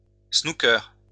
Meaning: snooker
- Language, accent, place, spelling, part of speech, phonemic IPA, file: French, France, Lyon, snooker, noun, /snu.kœʁ/, LL-Q150 (fra)-snooker.wav